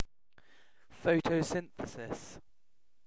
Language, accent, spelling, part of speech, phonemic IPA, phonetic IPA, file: English, UK, photosynthesis, noun, /ˌfəʊ.təʊˈsɪn.θə.sɪs/, [ˌfəʊ.tʰəʊˈsɪn̪.θə.sɪs], En-uk-photosynthesis.ogg